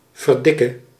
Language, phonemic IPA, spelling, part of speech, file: Dutch, /vərˈdɪkə/, verdikke, interjection / verb, Nl-verdikke.ogg
- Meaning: singular present subjunctive of verdikken